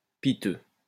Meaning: 1. pitiful 2. rundown 3. piteous
- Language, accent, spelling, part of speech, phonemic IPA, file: French, France, piteux, adjective, /pi.tø/, LL-Q150 (fra)-piteux.wav